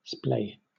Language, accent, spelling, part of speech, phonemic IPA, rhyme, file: English, Southern England, splay, verb / adjective / adverb / noun, /spleɪ/, -eɪ, LL-Q1860 (eng)-splay.wav
- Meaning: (verb) 1. To spread, spread apart, or spread out (something); to expand 2. To construct a bevel or slope on (something, such as the frame or jamb of a door or window); to bevel, to slant, to slope